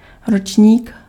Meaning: year (a level or grade at school or college)
- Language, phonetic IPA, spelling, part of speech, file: Czech, [ˈrot͡ʃɲiːk], ročník, noun, Cs-ročník.ogg